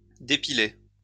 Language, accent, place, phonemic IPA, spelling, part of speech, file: French, France, Lyon, /de.pi.le/, dépiler, verb, LL-Q150 (fra)-dépiler.wav
- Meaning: to depilate